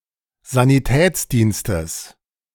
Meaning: genitive singular of Sanitätsdienst
- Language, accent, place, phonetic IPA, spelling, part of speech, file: German, Germany, Berlin, [zaniˈtɛːt͡sˌdiːnstəs], Sanitätsdienstes, noun, De-Sanitätsdienstes.ogg